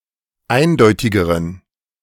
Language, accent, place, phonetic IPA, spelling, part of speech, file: German, Germany, Berlin, [ˈaɪ̯nˌdɔɪ̯tɪɡəʁən], eindeutigeren, adjective, De-eindeutigeren.ogg
- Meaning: inflection of eindeutig: 1. strong genitive masculine/neuter singular comparative degree 2. weak/mixed genitive/dative all-gender singular comparative degree